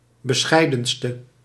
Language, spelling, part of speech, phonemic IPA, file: Dutch, bescheidenste, adjective, /bəˈsxɛi̯dənstə/, Nl-bescheidenste.ogg
- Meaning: inflection of bescheidenst, the superlative degree of bescheiden: 1. masculine/feminine singular attributive 2. definite neuter singular attributive 3. plural attributive